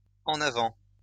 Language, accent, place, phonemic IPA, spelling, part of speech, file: French, France, Lyon, /ɑ̃.n‿a.vɑ̃/, en avant, adverb / interjection, LL-Q150 (fra)-en avant.wav
- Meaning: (adverb) forward (towards the front); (interjection) forward! let's go!